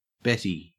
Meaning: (noun) 1. A short bar used by thieves to wrench doors open; a jimmy 2. A picklock, skeleton key; a tool for opening locks
- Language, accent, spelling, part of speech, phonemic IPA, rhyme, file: English, Australia, betty, noun / verb, /ˈbɛti/, -ɛti, En-au-betty.ogg